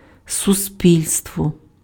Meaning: 1. society 2. public 3. association
- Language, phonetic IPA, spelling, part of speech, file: Ukrainian, [sʊˈsʲpʲilʲstwɔ], суспільство, noun, Uk-суспільство.ogg